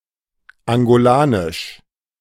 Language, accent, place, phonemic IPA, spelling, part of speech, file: German, Germany, Berlin, /aŋɡoˈlaːnɪʃ/, angolanisch, adjective, De-angolanisch.ogg
- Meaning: Angolan (of or pertaining to Angola or its people)